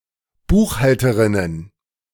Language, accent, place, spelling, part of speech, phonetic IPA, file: German, Germany, Berlin, Buchhalterinnen, noun, [ˈbuːxˌhaltəʁɪnən], De-Buchhalterinnen.ogg
- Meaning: plural of Buchhalterin